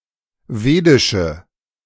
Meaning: inflection of wedisch: 1. strong/mixed nominative/accusative feminine singular 2. strong nominative/accusative plural 3. weak nominative all-gender singular 4. weak accusative feminine/neuter singular
- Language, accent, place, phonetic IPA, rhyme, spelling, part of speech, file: German, Germany, Berlin, [ˈveːdɪʃə], -eːdɪʃə, wedische, adjective, De-wedische.ogg